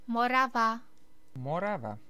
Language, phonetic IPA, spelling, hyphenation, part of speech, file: Czech, [ˈmorava], Morava, Mo‧ra‧va, proper noun, Cs-Morava.ogg
- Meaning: Moravia (a historic region in the eastern Czech Republic)